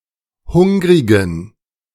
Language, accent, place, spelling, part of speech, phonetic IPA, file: German, Germany, Berlin, hungrigen, adjective, [ˈhʊŋʁɪɡn̩], De-hungrigen.ogg
- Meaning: inflection of hungrig: 1. strong genitive masculine/neuter singular 2. weak/mixed genitive/dative all-gender singular 3. strong/weak/mixed accusative masculine singular 4. strong dative plural